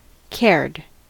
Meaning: simple past and past participle of care
- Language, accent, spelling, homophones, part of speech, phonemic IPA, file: English, US, cared, curd, verb, /kɛɹd/, En-us-cared.ogg